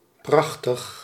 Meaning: splendid, marvelous
- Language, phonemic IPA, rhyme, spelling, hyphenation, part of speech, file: Dutch, /ˈprɑx.təx/, -ɑxtəx, prachtig, prach‧tig, adjective, Nl-prachtig.ogg